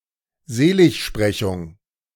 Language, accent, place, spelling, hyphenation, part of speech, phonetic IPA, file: German, Germany, Berlin, Seligsprechung, Se‧lig‧spre‧chung, noun, [ˈzeːlɪçˌʃpʁɛçʊŋ], De-Seligsprechung.ogg
- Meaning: beatification